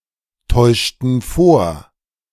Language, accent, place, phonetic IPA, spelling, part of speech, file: German, Germany, Berlin, [ˌtɔɪ̯ʃtn̩ ˈfoːɐ̯], täuschten vor, verb, De-täuschten vor.ogg
- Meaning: inflection of vortäuschen: 1. first/third-person plural preterite 2. first/third-person plural subjunctive II